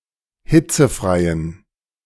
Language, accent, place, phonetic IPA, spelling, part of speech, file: German, Germany, Berlin, [ˈhɪt͡səˌfʁaɪ̯ən], hitzefreien, adjective, De-hitzefreien.ogg
- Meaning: inflection of hitzefrei: 1. strong genitive masculine/neuter singular 2. weak/mixed genitive/dative all-gender singular 3. strong/weak/mixed accusative masculine singular 4. strong dative plural